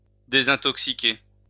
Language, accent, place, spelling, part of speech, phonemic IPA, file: French, France, Lyon, désintoxiquer, verb, /de.zɛ̃.tɔk.si.ke/, LL-Q150 (fra)-désintoxiquer.wav
- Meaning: to detoxify (for drugs or alcohol)